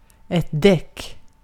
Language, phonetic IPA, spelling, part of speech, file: Swedish, [dɛk], däck, noun, Sv-däck.ogg
- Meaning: 1. tyre 2. deck